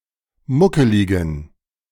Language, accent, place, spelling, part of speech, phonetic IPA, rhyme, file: German, Germany, Berlin, muckeligen, adjective, [ˈmʊkəlɪɡn̩], -ʊkəlɪɡn̩, De-muckeligen.ogg
- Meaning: inflection of muckelig: 1. strong genitive masculine/neuter singular 2. weak/mixed genitive/dative all-gender singular 3. strong/weak/mixed accusative masculine singular 4. strong dative plural